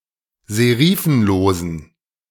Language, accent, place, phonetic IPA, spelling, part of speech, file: German, Germany, Berlin, [zeˈʁiːfn̩loːzn̩], serifenlosen, adjective, De-serifenlosen.ogg
- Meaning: inflection of serifenlos: 1. strong genitive masculine/neuter singular 2. weak/mixed genitive/dative all-gender singular 3. strong/weak/mixed accusative masculine singular 4. strong dative plural